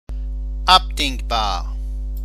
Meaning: amendable, cancellable
- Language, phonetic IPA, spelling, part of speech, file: German, [ˈapdɪŋbaːɐ̯], abdingbar, adjective, De-abdingbar.ogg